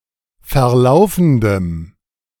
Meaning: strong dative masculine/neuter singular of verlaufend
- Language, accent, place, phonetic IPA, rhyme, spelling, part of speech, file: German, Germany, Berlin, [fɛɐ̯ˈlaʊ̯fn̩dəm], -aʊ̯fn̩dəm, verlaufendem, adjective, De-verlaufendem.ogg